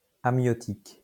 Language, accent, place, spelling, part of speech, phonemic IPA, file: French, France, Lyon, amiotique, adjective, /a.mjɔ.tik/, LL-Q150 (fra)-amiotique.wav
- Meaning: ameiotic